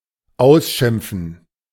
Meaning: to scold, to berate, to tell off
- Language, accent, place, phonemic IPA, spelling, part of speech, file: German, Germany, Berlin, /ˈaʊ̯sʃɪmpfɱ̩/, ausschimpfen, verb, De-ausschimpfen.ogg